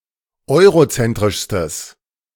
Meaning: strong/mixed nominative/accusative neuter singular superlative degree of eurozentrisch
- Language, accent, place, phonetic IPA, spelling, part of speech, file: German, Germany, Berlin, [ˈɔɪ̯ʁoˌt͡sɛntʁɪʃstəs], eurozentrischstes, adjective, De-eurozentrischstes.ogg